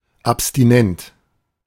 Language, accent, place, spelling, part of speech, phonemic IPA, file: German, Germany, Berlin, abstinent, adjective, /apstiˈnɛnt/, De-abstinent.ogg
- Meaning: abstinent, teetotal